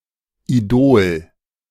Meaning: idol
- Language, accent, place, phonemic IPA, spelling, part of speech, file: German, Germany, Berlin, /iˈdoːl/, Idol, noun, De-Idol.ogg